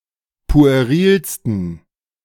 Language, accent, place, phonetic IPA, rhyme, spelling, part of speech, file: German, Germany, Berlin, [pu̯eˈʁiːlstn̩], -iːlstn̩, puerilsten, adjective, De-puerilsten.ogg
- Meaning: 1. superlative degree of pueril 2. inflection of pueril: strong genitive masculine/neuter singular superlative degree